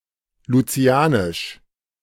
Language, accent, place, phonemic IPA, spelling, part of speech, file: German, Germany, Berlin, /luˈt͡si̯aːnɪʃ/, lucianisch, adjective, De-lucianisch.ogg
- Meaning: of Saint Lucia; Saint Lucian